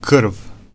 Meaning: 1. blood 2. gore 3. descent, family
- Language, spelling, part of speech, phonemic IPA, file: Serbo-Croatian, krv, noun, /kr̩̂ːʋ/, Hr-krv.ogg